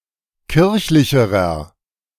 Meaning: inflection of kirchlich: 1. strong/mixed nominative masculine singular comparative degree 2. strong genitive/dative feminine singular comparative degree 3. strong genitive plural comparative degree
- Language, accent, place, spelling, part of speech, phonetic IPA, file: German, Germany, Berlin, kirchlicherer, adjective, [ˈkɪʁçlɪçəʁɐ], De-kirchlicherer.ogg